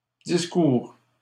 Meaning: third-person singular present indicative of discourir
- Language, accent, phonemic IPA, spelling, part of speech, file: French, Canada, /dis.kuʁ/, discourt, verb, LL-Q150 (fra)-discourt.wav